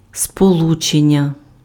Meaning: 1. communication 2. connection 3. combination
- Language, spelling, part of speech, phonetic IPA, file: Ukrainian, сполучення, noun, [spoˈɫut͡ʃenʲːɐ], Uk-сполучення.ogg